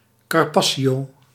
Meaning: carpaccio
- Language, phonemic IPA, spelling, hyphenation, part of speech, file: Dutch, /ˌkɑrˈpɑtʃoː/, carpaccio, car‧pac‧cio, noun, Nl-carpaccio.ogg